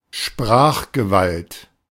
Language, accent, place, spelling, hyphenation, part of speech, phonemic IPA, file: German, Germany, Berlin, Sprachgewalt, Sprach‧ge‧walt, noun, /ˈʃpʁaːxɡəˌvalt/, De-Sprachgewalt.ogg
- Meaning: expressive power, eloquence